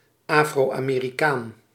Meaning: Afro-American
- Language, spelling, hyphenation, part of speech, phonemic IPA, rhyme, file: Dutch, Afro-Amerikaan, Afro-Ame‧ri‧kaan, noun, /ˌaː.froː.aː.meː.riˈkaːn/, -aːn, Nl-Afro-Amerikaan.ogg